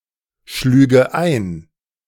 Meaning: first/third-person singular subjunctive II of einschlagen
- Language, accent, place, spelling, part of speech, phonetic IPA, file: German, Germany, Berlin, schlüge ein, verb, [ˌʃlyːɡə ˈaɪ̯n], De-schlüge ein.ogg